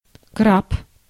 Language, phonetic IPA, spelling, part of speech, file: Russian, [krap], краб, noun, Ru-краб.ogg
- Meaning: crab